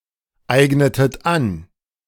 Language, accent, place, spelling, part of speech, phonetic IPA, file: German, Germany, Berlin, eignetet an, verb, [ˌaɪ̯ɡnətət ˈan], De-eignetet an.ogg
- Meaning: inflection of aneignen: 1. second-person plural preterite 2. second-person plural subjunctive II